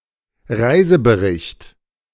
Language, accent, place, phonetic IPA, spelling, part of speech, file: German, Germany, Berlin, [ˈʁaɪ̯zəbəˌʁɪçt], Reisebericht, noun, De-Reisebericht.ogg
- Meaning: travelogue, travel writing